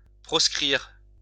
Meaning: 1. to banish 2. to ban, prohibit, proscribe
- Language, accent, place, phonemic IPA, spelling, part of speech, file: French, France, Lyon, /pʁɔs.kʁiʁ/, proscrire, verb, LL-Q150 (fra)-proscrire.wav